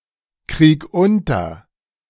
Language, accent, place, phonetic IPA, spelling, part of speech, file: German, Germany, Berlin, [ˌkʁiːk ˈʊntɐ], krieg unter, verb, De-krieg unter.ogg
- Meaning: 1. singular imperative of unterkriegen 2. first-person singular present of unterkriegen